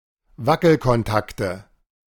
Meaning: 1. nominative/accusative/genitive plural of Wackelkontakt 2. dative of Wackelkontakt
- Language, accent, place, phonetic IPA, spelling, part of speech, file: German, Germany, Berlin, [ˈvakl̩kɔnˌtaktə], Wackelkontakte, noun, De-Wackelkontakte.ogg